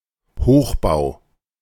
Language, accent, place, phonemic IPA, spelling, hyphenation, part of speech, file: German, Germany, Berlin, /ˈhoːxbaʊ̯/, Hochbau, Hoch‧bau, noun, De-Hochbau.ogg
- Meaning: 1. high-rise, high-rise building, superstructure 2. structural engineering or building of structures above ground (cf. Tiefbau)